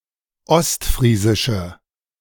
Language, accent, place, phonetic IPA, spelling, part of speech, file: German, Germany, Berlin, [ˈɔstˌfʁiːzɪʃə], ostfriesische, adjective, De-ostfriesische.ogg
- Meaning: inflection of ostfriesisch: 1. strong/mixed nominative/accusative feminine singular 2. strong nominative/accusative plural 3. weak nominative all-gender singular